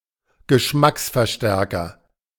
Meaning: flavour enhancer (a substance added to a food product to enhance its taste)
- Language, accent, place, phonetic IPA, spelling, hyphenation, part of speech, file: German, Germany, Berlin, [ɡəˈʃmaksfɛɐ̯ˌʃtɛʁkɐ], Geschmacksverstärker, Ge‧schmacks‧ver‧stär‧ker, noun, De-Geschmacksverstärker.ogg